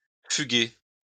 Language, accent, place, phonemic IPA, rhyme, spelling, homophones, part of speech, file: French, France, Lyon, /fy.ɡe/, -ɡe, fuguer, fuguai / fugué / fuguez, verb, LL-Q150 (fra)-fuguer.wav
- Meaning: to flee, especially to run away from home, to elope